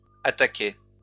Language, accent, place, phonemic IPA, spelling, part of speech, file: French, France, Lyon, /a.ta.kɛ/, attaquaient, verb, LL-Q150 (fra)-attaquaient.wav
- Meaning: third-person plural imperfect indicative of attaquer